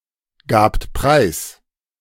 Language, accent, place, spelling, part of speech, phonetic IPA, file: German, Germany, Berlin, gabt preis, verb, [ˌɡaːpt ˈpʁaɪ̯s], De-gabt preis.ogg
- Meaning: second-person plural preterite of preisgeben